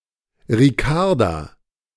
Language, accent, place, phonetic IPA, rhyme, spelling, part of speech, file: German, Germany, Berlin, [ʁiˈkaʁda], -aʁda, Ricarda, proper noun, De-Ricarda.ogg
- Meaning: a female given name from Spanish